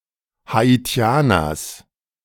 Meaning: genitive of Haitianer
- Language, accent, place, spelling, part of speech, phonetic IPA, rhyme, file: German, Germany, Berlin, Haitianers, noun, [haiˈti̯aːnɐs], -aːnɐs, De-Haitianers.ogg